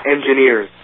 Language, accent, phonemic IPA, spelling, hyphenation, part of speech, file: English, US, /ˌɛnd͡ʒɪˈnɪɹz/, engineers, en‧gi‧neers, noun / verb, En-us-engineers.ogg
- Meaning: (noun) plural of engineer; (verb) third-person singular simple present indicative of engineer